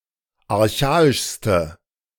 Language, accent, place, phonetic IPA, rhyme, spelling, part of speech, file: German, Germany, Berlin, [aʁˈçaːɪʃstə], -aːɪʃstə, archaischste, adjective, De-archaischste.ogg
- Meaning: inflection of archaisch: 1. strong/mixed nominative/accusative feminine singular superlative degree 2. strong nominative/accusative plural superlative degree